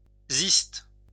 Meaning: albedo (white pith of a cirus fruit)
- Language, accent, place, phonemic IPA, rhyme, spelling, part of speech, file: French, France, Lyon, /zist/, -ist, ziste, noun, LL-Q150 (fra)-ziste.wav